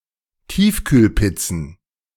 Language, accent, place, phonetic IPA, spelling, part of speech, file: German, Germany, Berlin, [ˈtiːfkyːlˌpɪt͡sn̩], Tiefkühlpizzen, noun, De-Tiefkühlpizzen.ogg
- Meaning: plural of Tiefkühlpizza